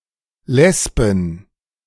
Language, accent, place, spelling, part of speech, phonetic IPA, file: German, Germany, Berlin, Lesben, noun, [ˈlɛsbn̩], De-Lesben.ogg
- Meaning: plural of Lesbe